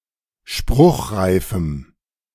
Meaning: strong dative masculine/neuter singular of spruchreif
- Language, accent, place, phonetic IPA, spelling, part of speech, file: German, Germany, Berlin, [ˈʃpʁʊxʁaɪ̯fm̩], spruchreifem, adjective, De-spruchreifem.ogg